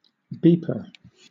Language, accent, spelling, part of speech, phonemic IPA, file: English, Southern England, beeper, noun, /ˈbiːpə/, LL-Q1860 (eng)-beeper.wav
- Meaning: Something that makes a beeping sound.: 1. A simple computer speaker 2. A pager (wireless telecommunication device) 3. A robot 4. A protogen